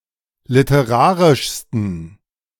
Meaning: 1. superlative degree of literarisch 2. inflection of literarisch: strong genitive masculine/neuter singular superlative degree
- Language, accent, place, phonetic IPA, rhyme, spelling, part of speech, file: German, Germany, Berlin, [lɪtəˈʁaːʁɪʃstn̩], -aːʁɪʃstn̩, literarischsten, adjective, De-literarischsten.ogg